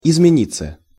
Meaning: 1. to change (intransitive) 2. passive of измени́ть (izmenítʹ)
- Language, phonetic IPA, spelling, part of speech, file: Russian, [ɪzmʲɪˈnʲit͡sːə], измениться, verb, Ru-измениться.ogg